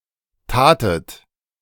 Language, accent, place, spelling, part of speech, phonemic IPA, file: German, Germany, Berlin, tatet, verb, /ˈtaːtət/, De-tatet.ogg
- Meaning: second-person plural preterite of tun